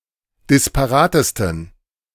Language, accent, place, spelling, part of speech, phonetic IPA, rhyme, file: German, Germany, Berlin, disparatesten, adjective, [dɪspaˈʁaːtəstn̩], -aːtəstn̩, De-disparatesten.ogg
- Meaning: 1. superlative degree of disparat 2. inflection of disparat: strong genitive masculine/neuter singular superlative degree